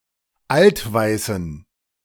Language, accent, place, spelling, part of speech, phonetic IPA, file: German, Germany, Berlin, altweißen, adjective, [ˈaltˌvaɪ̯sn̩], De-altweißen.ogg
- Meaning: inflection of altweiß: 1. strong genitive masculine/neuter singular 2. weak/mixed genitive/dative all-gender singular 3. strong/weak/mixed accusative masculine singular 4. strong dative plural